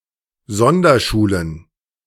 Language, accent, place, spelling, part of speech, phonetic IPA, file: German, Germany, Berlin, Sonderschulen, noun, [ˈzɔndɐˌʃuːlən], De-Sonderschulen.ogg
- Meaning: plural of Sonderschule